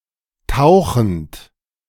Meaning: present participle of tauchen
- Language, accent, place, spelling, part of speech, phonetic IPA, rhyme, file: German, Germany, Berlin, tauchend, verb, [ˈtaʊ̯xn̩t], -aʊ̯xn̩t, De-tauchend.ogg